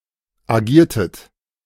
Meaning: inflection of agieren: 1. second-person plural preterite 2. second-person plural subjunctive II
- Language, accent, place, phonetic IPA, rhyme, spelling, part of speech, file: German, Germany, Berlin, [aˈɡiːɐ̯tət], -iːɐ̯tət, agiertet, verb, De-agiertet.ogg